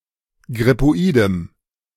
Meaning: strong dative masculine/neuter singular of grippoid
- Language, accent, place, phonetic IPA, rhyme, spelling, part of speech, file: German, Germany, Berlin, [ɡʁɪpoˈiːdəm], -iːdəm, grippoidem, adjective, De-grippoidem.ogg